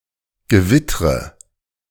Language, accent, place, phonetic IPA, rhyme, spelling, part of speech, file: German, Germany, Berlin, [ɡəˈvɪtʁə], -ɪtʁə, gewittre, verb, De-gewittre.ogg
- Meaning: inflection of gewittern: 1. first-person singular present 2. first/third-person singular subjunctive I 3. singular imperative